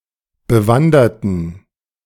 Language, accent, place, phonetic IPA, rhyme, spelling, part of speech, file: German, Germany, Berlin, [bəˈvandɐtn̩], -andɐtn̩, bewanderten, adjective / verb, De-bewanderten.ogg
- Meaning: inflection of bewandert: 1. strong genitive masculine/neuter singular 2. weak/mixed genitive/dative all-gender singular 3. strong/weak/mixed accusative masculine singular 4. strong dative plural